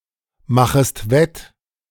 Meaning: second-person singular subjunctive I of wettmachen
- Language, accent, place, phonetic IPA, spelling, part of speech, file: German, Germany, Berlin, [ˌmaxəst ˈvɛt], machest wett, verb, De-machest wett.ogg